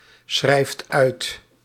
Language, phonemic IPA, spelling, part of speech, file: Dutch, /ˈsxrɛift ˈœyt/, schrijft uit, verb, Nl-schrijft uit.ogg
- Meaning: inflection of uitschrijven: 1. second/third-person singular present indicative 2. plural imperative